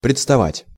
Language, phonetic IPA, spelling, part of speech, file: Russian, [prʲɪt͡stɐˈvatʲ], представать, verb, Ru-представать.ogg
- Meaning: to appear (before)